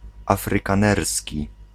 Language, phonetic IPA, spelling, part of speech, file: Polish, [ˌafrɨkãˈnɛrsʲci], afrykanerski, adjective / noun, Pl-afrykanerski.ogg